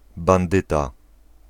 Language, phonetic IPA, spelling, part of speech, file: Polish, [bãnˈdɨta], bandyta, noun, Pl-bandyta.ogg